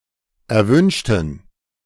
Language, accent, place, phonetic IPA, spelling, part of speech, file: German, Germany, Berlin, [ɛɐ̯ˈvʏnʃtn̩], erwünschten, adjective / verb, De-erwünschten.ogg
- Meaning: inflection of erwünscht: 1. strong genitive masculine/neuter singular 2. weak/mixed genitive/dative all-gender singular 3. strong/weak/mixed accusative masculine singular 4. strong dative plural